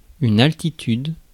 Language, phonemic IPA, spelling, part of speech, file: French, /al.ti.tyd/, altitude, noun, Fr-altitude.ogg
- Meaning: altitude